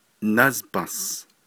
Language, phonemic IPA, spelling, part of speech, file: Navajo, /nɑ́zpɑ̃̀s/, názbąs, verb / noun / numeral, Nv-názbąs.ogg
- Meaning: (verb) it is circular, round; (noun) a circle; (numeral) zero